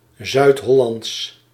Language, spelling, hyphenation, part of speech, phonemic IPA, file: Dutch, Zuid-Hollands, Zuid-Hol‧lands, adjective, /ˌzœy̯tˈɦɔ.lɑnts/, Nl-Zuid-Hollands.ogg
- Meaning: of or relating to South Holland